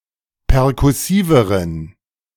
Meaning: inflection of perkussiv: 1. strong genitive masculine/neuter singular comparative degree 2. weak/mixed genitive/dative all-gender singular comparative degree
- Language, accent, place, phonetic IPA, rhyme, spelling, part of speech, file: German, Germany, Berlin, [pɛʁkʊˈsiːvəʁən], -iːvəʁən, perkussiveren, adjective, De-perkussiveren.ogg